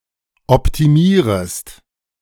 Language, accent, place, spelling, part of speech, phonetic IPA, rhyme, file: German, Germany, Berlin, optimierest, verb, [ɔptiˈmiːʁəst], -iːʁəst, De-optimierest.ogg
- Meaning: second-person singular subjunctive I of optimieren